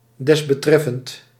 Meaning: referred to, aforementioned
- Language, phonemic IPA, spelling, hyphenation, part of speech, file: Dutch, /ˌdɛs.bəˈtrɛ.fənt/, desbetreffend, des‧be‧tref‧fend, adjective, Nl-desbetreffend.ogg